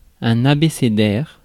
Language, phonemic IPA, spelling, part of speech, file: French, /a.be.se.dɛʁ/, abécédaire, adjective / noun, Fr-abécédaire.ogg
- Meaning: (adjective) alphabetical; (noun) an alphabet primer